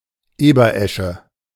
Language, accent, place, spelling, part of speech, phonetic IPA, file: German, Germany, Berlin, Eberesche, noun, [ˈeːbɐˌʔɛʃə], De-Eberesche.ogg
- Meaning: rowan (tree)